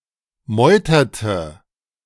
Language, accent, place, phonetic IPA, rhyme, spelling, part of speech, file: German, Germany, Berlin, [ˈmɔɪ̯tɐtə], -ɔɪ̯tɐtə, meuterte, verb, De-meuterte.ogg
- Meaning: inflection of meutern: 1. first/third-person singular preterite 2. first/third-person singular subjunctive II